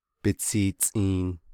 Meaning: 1. his/her/its/their head 2. his/her/its/their engine
- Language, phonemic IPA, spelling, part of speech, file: Navajo, /pɪ́t͡sʰìːt͡sʼìːn/, bitsiitsʼiin, noun, Nv-bitsiitsʼiin.ogg